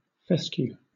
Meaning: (noun) A straw, wire, stick, etc., used chiefly to point out letters to children when learning to read
- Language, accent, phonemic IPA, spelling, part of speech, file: English, Southern England, /ˈfɛskjuː/, fescue, noun / verb, LL-Q1860 (eng)-fescue.wav